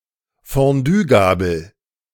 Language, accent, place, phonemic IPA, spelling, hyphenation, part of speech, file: German, Germany, Berlin, /fõˈdyːɡaːbəl/, Fonduegabel, Fon‧due‧ga‧bel, noun, De-Fonduegabel.ogg
- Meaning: fondue fork